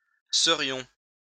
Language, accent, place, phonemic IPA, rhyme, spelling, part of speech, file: French, France, Lyon, /sə.ʁjɔ̃/, -ɔ̃, serions, verb, LL-Q150 (fra)-serions.wav
- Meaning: first-person plural conditional of être